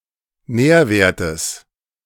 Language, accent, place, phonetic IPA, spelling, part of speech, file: German, Germany, Berlin, [ˈnɛːɐ̯ˌveːɐ̯təs], Nährwertes, noun, De-Nährwertes.ogg
- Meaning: genitive singular of Nährwert